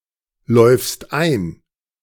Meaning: second-person singular present of einlaufen
- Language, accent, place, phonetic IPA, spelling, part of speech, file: German, Germany, Berlin, [ˌlɔɪ̯fst ˈaɪ̯n], läufst ein, verb, De-läufst ein.ogg